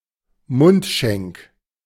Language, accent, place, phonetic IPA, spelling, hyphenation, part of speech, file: German, Germany, Berlin, [ˈmʊntˌʃɛŋk], Mundschenk, Mund‧schenk, noun, De-Mundschenk.ogg
- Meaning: cupbearer